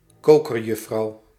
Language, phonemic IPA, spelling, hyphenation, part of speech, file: Dutch, /ˈkoː.kərˌjʏ.fər/, kokerjuffer, ko‧ker‧juf‧fer, noun, Nl-kokerjuffer.ogg
- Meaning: caddis fly larva